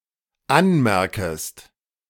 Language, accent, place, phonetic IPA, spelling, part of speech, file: German, Germany, Berlin, [ˈanˌmɛʁkəst], anmerkest, verb, De-anmerkest.ogg
- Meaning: second-person singular dependent subjunctive I of anmerken